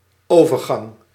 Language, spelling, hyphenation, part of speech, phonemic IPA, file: Dutch, overgang, over‧gang, noun, /ˈoː.vər.ɣɑŋ/, Nl-overgang.ogg
- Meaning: 1. transition 2. crossing, place where one crosses 3. menopause